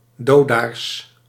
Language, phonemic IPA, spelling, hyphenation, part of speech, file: Dutch, /ˈdoː.daːrs/, dodaars, do‧daars, noun, Nl-dodaars.ogg
- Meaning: 1. little grebe (Tachybaptus ruficollis) 2. synonym of dodo